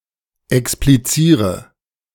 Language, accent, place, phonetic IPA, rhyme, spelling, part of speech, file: German, Germany, Berlin, [ɛkspliˈt͡siːʁə], -iːʁə, expliziere, verb, De-expliziere.ogg
- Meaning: inflection of explizieren: 1. first-person singular present 2. first/third-person singular subjunctive I 3. singular imperative